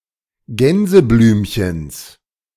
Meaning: genitive singular of Gänseblümchen
- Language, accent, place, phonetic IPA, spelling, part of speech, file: German, Germany, Berlin, [ˈɡɛnzəˌblyːmçəns], Gänseblümchens, noun, De-Gänseblümchens.ogg